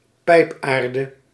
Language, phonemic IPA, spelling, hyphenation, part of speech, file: Dutch, /ˈpɛi̯pˌaːr.də/, pijpaarde, pijp‧aar‧de, noun, Nl-pijpaarde.ogg
- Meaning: a type of fine clay that turns white when baked, used in former times for making tobacco pipes